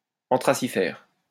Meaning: anthraciferous
- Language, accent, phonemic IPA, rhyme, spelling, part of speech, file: French, France, /ɑ̃.tʁa.si.fɛʁ/, -ɛʁ, anthracifère, adjective, LL-Q150 (fra)-anthracifère.wav